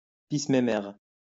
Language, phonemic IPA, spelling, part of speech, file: French, /me.mɛʁ/, mémère, noun, LL-Q150 (fra)-mémère.wav
- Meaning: 1. affectionate name for a female; honey, sweetie, baby 2. grandmother